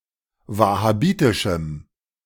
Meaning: strong dative masculine/neuter singular of wahhabitisch
- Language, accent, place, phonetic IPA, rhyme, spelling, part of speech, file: German, Germany, Berlin, [ˌvahaˈbiːtɪʃm̩], -iːtɪʃm̩, wahhabitischem, adjective, De-wahhabitischem.ogg